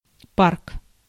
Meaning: 1. park (for recreation) 2. yard, depot 3. fleet, stock 4. depot
- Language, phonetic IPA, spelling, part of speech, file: Russian, [park], парк, noun, Ru-парк.ogg